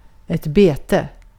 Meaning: 1. bait 2. grazing (feeding of livestock by letting them graze) 3. pasturage (what livestock eat when out to pasture)
- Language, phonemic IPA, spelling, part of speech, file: Swedish, /ˈbeːˌtɛ/, bete, noun, Sv-bete.ogg